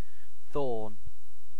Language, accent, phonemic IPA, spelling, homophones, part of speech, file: English, UK, /θɔːn/, thorn, faun, noun / verb, En-uk-thorn.ogg
- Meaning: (noun) 1. A modified branch that is hard and sharp like a spike 2. Any thorn-like structure on plants, such as the spine and the prickle